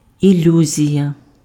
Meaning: illusion
- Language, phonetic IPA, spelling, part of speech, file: Ukrainian, [iˈlʲuzʲijɐ], ілюзія, noun, Uk-ілюзія.ogg